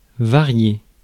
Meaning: to vary
- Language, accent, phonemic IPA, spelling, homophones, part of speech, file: French, France, /va.ʁje/, varier, variai / varié / variée / variées / variés / variez, verb, Fr-varier.ogg